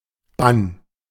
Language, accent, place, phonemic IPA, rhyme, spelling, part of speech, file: German, Germany, Berlin, /ban/, -an, Bann, noun, De-Bann.ogg
- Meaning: 1. jurisdiction 2. ban, proscription 3. excommunication 4. spell, enchantment, influence, magic, magical effect 5. a regiment of Hitler Youth or the SS